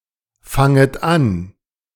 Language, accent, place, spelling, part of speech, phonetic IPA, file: German, Germany, Berlin, fanget an, verb, [ˌfaŋət ˈan], De-fanget an.ogg
- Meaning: second-person plural subjunctive I of anfangen